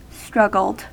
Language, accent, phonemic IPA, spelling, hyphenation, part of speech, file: English, US, /ˈstɹʌɡl̩d/, struggled, strug‧gled, verb, En-us-struggled.ogg
- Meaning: simple past and past participle of struggle